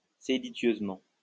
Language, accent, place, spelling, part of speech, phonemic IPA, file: French, France, Lyon, séditieusement, adverb, /se.di.tjøz.mɑ̃/, LL-Q150 (fra)-séditieusement.wav
- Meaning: seditiously